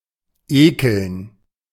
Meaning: 1. to be disgusted 2. to disgust
- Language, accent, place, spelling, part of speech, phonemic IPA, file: German, Germany, Berlin, ekeln, verb, /ˈeːkəln/, De-ekeln.ogg